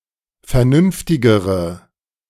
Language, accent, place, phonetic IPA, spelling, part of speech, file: German, Germany, Berlin, [fɛɐ̯ˈnʏnftɪɡəʁə], vernünftigere, adjective, De-vernünftigere.ogg
- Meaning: inflection of vernünftig: 1. strong/mixed nominative/accusative feminine singular comparative degree 2. strong nominative/accusative plural comparative degree